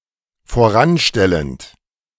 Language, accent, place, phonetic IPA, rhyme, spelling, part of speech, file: German, Germany, Berlin, [foˈʁanˌʃtɛlənt], -anʃtɛlənt, voranstellend, verb, De-voranstellend.ogg
- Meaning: present participle of voranstellen